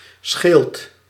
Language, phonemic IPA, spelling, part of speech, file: Dutch, /sxeːlt/, scheelt, verb, Nl-scheelt.ogg
- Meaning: inflection of schelen: 1. second/third-person singular present indicative 2. plural imperative